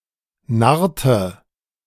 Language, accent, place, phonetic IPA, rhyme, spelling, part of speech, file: German, Germany, Berlin, [ˈnaʁtə], -aʁtə, narrte, verb, De-narrte.ogg
- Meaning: inflection of narren: 1. first/third-person singular preterite 2. first/third-person singular subjunctive II